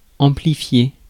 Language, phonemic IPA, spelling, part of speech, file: French, /ɑ̃.pli.fje/, amplifier, verb, Fr-amplifier.ogg
- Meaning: to amplify